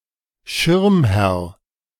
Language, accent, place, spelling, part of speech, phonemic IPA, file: German, Germany, Berlin, Schirmherr, noun, /ˈʃɪʁmˌhɛʁ/, De-Schirmherr.ogg
- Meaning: patron